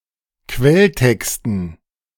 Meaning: dative plural of Quelltext
- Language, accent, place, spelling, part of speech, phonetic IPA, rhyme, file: German, Germany, Berlin, Quelltexten, noun, [ˈkvɛlˌtɛkstn̩], -ɛltɛkstn̩, De-Quelltexten.ogg